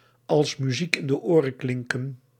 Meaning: to sound like music to someone's ears
- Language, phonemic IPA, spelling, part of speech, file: Dutch, /ɑls myˈzik ɪn də ˈoː.rə(n)ˈklɪŋ.kə(n)/, als muziek in de oren klinken, verb, Nl-als muziek in de oren klinken.ogg